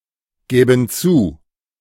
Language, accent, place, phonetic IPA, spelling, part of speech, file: German, Germany, Berlin, [ˌɡɛːbn̩ ˈt͡suː], gäben zu, verb, De-gäben zu.ogg
- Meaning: first/third-person plural subjunctive II of zugeben